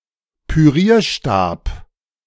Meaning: immersion blender
- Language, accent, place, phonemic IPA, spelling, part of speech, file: German, Germany, Berlin, /pyˈʁiːɐ̯ˌʃtaːp/, Pürierstab, noun, De-Pürierstab.ogg